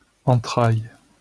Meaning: 1. entrails, bowels, guts 2. womb 3. bowels, depths
- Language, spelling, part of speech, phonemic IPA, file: French, entrailles, noun, /ɑ̃.tʁaj/, LL-Q150 (fra)-entrailles.wav